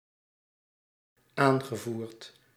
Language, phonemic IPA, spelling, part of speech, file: Dutch, /ˈaŋɣəˌvurt/, aangevoerd, verb, Nl-aangevoerd.ogg
- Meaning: past participle of aanvoeren